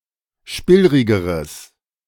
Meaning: strong/mixed nominative/accusative neuter singular comparative degree of spillrig
- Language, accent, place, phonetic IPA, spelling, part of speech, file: German, Germany, Berlin, [ˈʃpɪlʁɪɡəʁəs], spillrigeres, adjective, De-spillrigeres.ogg